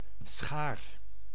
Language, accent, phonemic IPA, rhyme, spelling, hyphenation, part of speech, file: Dutch, Netherlands, /sxaːr/, -aːr, schaar, schaar, noun / verb, Nl-schaar.ogg
- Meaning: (noun) 1. a pair of scissors 2. a claw (e.g. of a crab) 3. alternative form of schare; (verb) inflection of scharen: first-person singular present indicative